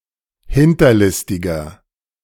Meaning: 1. comparative degree of hinterlistig 2. inflection of hinterlistig: strong/mixed nominative masculine singular 3. inflection of hinterlistig: strong genitive/dative feminine singular
- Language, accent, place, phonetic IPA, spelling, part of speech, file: German, Germany, Berlin, [ˈhɪntɐˌlɪstɪɡɐ], hinterlistiger, adjective, De-hinterlistiger.ogg